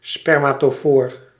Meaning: spermatophore
- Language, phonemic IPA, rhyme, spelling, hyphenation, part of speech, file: Dutch, /ˌspɛr.maː.toːˈfoːr/, -oːr, spermatofoor, sper‧ma‧to‧foor, noun, Nl-spermatofoor.ogg